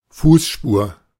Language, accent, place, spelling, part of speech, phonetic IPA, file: German, Germany, Berlin, Fußspur, noun, [ˈfuːsˌʃpuːɐ̯], De-Fußspur.ogg
- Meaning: footprint